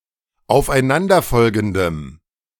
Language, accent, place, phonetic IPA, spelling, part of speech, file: German, Germany, Berlin, [aʊ̯fʔaɪ̯ˈnandɐˌfɔlɡn̩dəm], aufeinanderfolgendem, adjective, De-aufeinanderfolgendem.ogg
- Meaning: strong dative masculine/neuter singular of aufeinanderfolgend